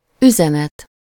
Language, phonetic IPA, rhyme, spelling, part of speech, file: Hungarian, [ˈyzɛnɛt], -ɛt, üzenet, noun, Hu-üzenet.ogg
- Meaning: message